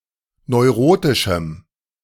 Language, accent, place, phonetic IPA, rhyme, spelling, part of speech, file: German, Germany, Berlin, [nɔɪ̯ˈʁoːtɪʃm̩], -oːtɪʃm̩, neurotischem, adjective, De-neurotischem.ogg
- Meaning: strong dative masculine/neuter singular of neurotisch